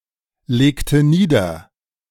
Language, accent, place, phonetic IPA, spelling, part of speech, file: German, Germany, Berlin, [ˌleːktə ˈniːdɐ], legte nieder, verb, De-legte nieder.ogg
- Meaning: inflection of niederlegen: 1. first/third-person singular preterite 2. first/third-person singular subjunctive II